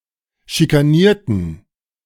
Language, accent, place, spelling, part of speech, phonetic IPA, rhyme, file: German, Germany, Berlin, schikanierten, adjective / verb, [ʃikaˈniːɐ̯tn̩], -iːɐ̯tn̩, De-schikanierten.ogg
- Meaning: inflection of schikanieren: 1. first/third-person plural preterite 2. first/third-person plural subjunctive II